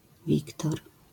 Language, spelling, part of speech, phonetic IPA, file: Polish, Wiktor, proper noun, [ˈvʲiktɔr], LL-Q809 (pol)-Wiktor.wav